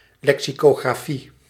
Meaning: lexicography (art or craft of writing dictionaries)
- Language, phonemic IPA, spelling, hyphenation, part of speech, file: Dutch, /ˌlɛk.si.koːɣraːˈfi/, lexicografie, lexi‧co‧gra‧fie, noun, Nl-lexicografie.ogg